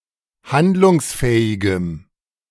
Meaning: strong dative masculine/neuter singular of handlungsfähig
- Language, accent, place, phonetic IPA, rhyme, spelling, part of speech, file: German, Germany, Berlin, [ˈhandlʊŋsˌfɛːɪɡəm], -andlʊŋsfɛːɪɡəm, handlungsfähigem, adjective, De-handlungsfähigem.ogg